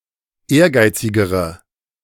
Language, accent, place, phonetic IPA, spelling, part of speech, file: German, Germany, Berlin, [ˈeːɐ̯ˌɡaɪ̯t͡sɪɡəʁə], ehrgeizigere, adjective, De-ehrgeizigere.ogg
- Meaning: inflection of ehrgeizig: 1. strong/mixed nominative/accusative feminine singular comparative degree 2. strong nominative/accusative plural comparative degree